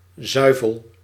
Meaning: dairy products (collective name for milk products)
- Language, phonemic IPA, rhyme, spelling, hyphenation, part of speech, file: Dutch, /ˈzœy̯.vəl/, -œy̯vəl, zuivel, zui‧vel, noun, Nl-zuivel.ogg